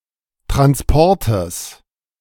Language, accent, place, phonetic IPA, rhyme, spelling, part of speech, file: German, Germany, Berlin, [tʁansˈpɔʁtəs], -ɔʁtəs, Transportes, noun, De-Transportes.ogg
- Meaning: genitive singular of Transport